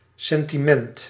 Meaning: sentiment
- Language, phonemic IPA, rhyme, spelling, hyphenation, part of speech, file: Dutch, /ˌsɛn.tiˈmɛnt/, -ɛnt, sentiment, sen‧ti‧ment, noun, Nl-sentiment.ogg